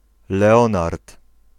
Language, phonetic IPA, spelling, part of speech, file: Polish, [lɛˈɔ̃nart], Leonard, proper noun, Pl-Leonard.ogg